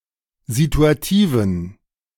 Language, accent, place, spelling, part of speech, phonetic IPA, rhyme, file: German, Germany, Berlin, situativen, adjective, [zituaˈtiːvn̩], -iːvn̩, De-situativen.ogg
- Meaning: inflection of situativ: 1. strong genitive masculine/neuter singular 2. weak/mixed genitive/dative all-gender singular 3. strong/weak/mixed accusative masculine singular 4. strong dative plural